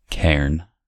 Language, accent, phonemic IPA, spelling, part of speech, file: English, US, /kɛ(ə)ɹn/, cairn, noun, En-us-cairn.ogg
- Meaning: A rounded or conical heap of stones erected by early inhabitants of the British Isles, apparently as a sepulchral monument